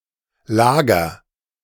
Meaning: 1. first-person singular present of lagern (colloquial) 2. singular imperative of lagern (colloquial)
- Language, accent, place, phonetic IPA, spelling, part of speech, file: German, Germany, Berlin, [ˈlaː.ɡɐ], lager, verb, De-lager.ogg